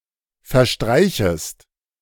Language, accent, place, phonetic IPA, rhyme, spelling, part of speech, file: German, Germany, Berlin, [fɛɐ̯ˈʃtʁaɪ̯çəst], -aɪ̯çəst, verstreichest, verb, De-verstreichest.ogg
- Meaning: second-person singular subjunctive I of verstreichen